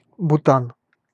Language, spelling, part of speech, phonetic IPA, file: Russian, Бутан, proper noun, [bʊˈtan], Ru-Бутан.ogg
- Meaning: Bhutan (a country in South Asia, in the Himalayas)